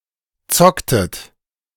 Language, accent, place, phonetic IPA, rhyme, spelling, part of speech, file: German, Germany, Berlin, [ˈt͡sɔktət], -ɔktət, zocktet, verb, De-zocktet.ogg
- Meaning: inflection of zocken: 1. second-person plural preterite 2. second-person plural subjunctive II